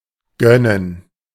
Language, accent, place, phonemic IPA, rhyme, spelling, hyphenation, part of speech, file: German, Germany, Berlin, /ˈɡœnən/, -œnən, gönnen, gön‧nen, verb, De-gönnen.ogg
- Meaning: 1. to bestow, to indulge (someone's wishes), to treat to, to spoil 2. to be happy for someone because of their good fortune